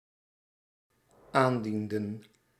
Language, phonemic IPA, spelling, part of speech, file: Dutch, /ˈandində(n)/, aandienden, verb, Nl-aandienden.ogg
- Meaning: inflection of aandienen: 1. plural dependent-clause past indicative 2. plural dependent-clause past subjunctive